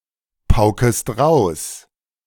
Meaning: second-person plural subjunctive I of pauken
- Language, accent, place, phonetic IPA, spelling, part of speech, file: German, Germany, Berlin, [ˈpaʊ̯kət], pauket, verb, De-pauket.ogg